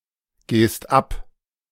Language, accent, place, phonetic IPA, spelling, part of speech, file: German, Germany, Berlin, [ˌɡeːst ˈap], gehst ab, verb, De-gehst ab.ogg
- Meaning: second-person singular present of abgehen